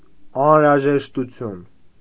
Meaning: necessity, need
- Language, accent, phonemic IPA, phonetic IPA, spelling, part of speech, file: Armenian, Eastern Armenian, /ɑnhəɾɑʒeʃtuˈtʰjun/, [ɑnhəɾɑʒeʃtut͡sʰjún], անհրաժեշտություն, noun, Hy-անհրաժեշտություն.ogg